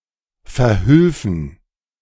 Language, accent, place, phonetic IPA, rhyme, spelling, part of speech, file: German, Germany, Berlin, [fɛɐ̯ˈhʏlfn̩], -ʏlfn̩, verhülfen, verb, De-verhülfen.ogg
- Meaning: first-person plural subjunctive II of verhelfen